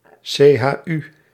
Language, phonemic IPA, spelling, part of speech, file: Dutch, /seː.ɦaːˈy/, CHU, proper noun, Nl-CHU.ogg
- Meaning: initialism of Christelijk-Historische Unie (“Christian-Historical Union”), an influential Protestant political party in the Netherlands